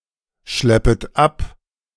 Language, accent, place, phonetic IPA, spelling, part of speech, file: German, Germany, Berlin, [ˌʃlɛpət ˈap], schleppet ab, verb, De-schleppet ab.ogg
- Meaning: second-person plural subjunctive I of abschleppen